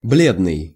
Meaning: pale
- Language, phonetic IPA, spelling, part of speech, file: Russian, [ˈblʲednɨj], бледный, adjective, Ru-бледный.ogg